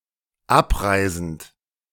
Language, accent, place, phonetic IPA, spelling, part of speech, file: German, Germany, Berlin, [ˈapˌʁaɪ̯zn̩t], abreisend, verb, De-abreisend.ogg
- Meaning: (verb) present participle of abreisen; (adjective) departing